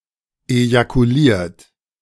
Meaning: 1. past participle of ejakulieren 2. inflection of ejakulieren: third-person singular present 3. inflection of ejakulieren: second-person plural present 4. inflection of ejakulieren: plural imperative
- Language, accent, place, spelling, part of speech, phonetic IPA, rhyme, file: German, Germany, Berlin, ejakuliert, verb, [ejakuˈliːɐ̯t], -iːɐ̯t, De-ejakuliert.ogg